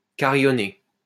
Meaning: 1. to ring, chime, peal (of bells) 2. to proclaim loudly, vehemently
- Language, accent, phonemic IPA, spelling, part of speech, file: French, France, /ka.ʁi.jɔ.ne/, carillonner, verb, LL-Q150 (fra)-carillonner.wav